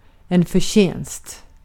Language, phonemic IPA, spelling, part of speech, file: Swedish, /fœrˈɕɛnst/, förtjänst, noun, Sv-förtjänst.ogg
- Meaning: 1. merit 2. wages, earnings, salary; payment or compensation for delivered services 3. profit